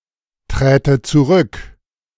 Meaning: first/third-person singular subjunctive II of zurücktreten
- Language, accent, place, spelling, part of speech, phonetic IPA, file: German, Germany, Berlin, träte zurück, verb, [ˌtʁɛːtə t͡suˈʁʏk], De-träte zurück.ogg